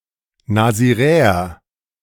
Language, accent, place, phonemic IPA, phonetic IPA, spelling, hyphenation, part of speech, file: German, Germany, Berlin, /naziˈʁeːəʁ/, [nazɪˈʁeːɐ], Nasiräer, Na‧si‧rä‧er, noun, De-Nasiräer.ogg
- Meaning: Nazarite